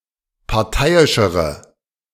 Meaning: inflection of parteiisch: 1. strong/mixed nominative/accusative feminine singular comparative degree 2. strong nominative/accusative plural comparative degree
- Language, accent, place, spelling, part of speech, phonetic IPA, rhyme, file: German, Germany, Berlin, parteiischere, adjective, [paʁˈtaɪ̯ɪʃəʁə], -aɪ̯ɪʃəʁə, De-parteiischere.ogg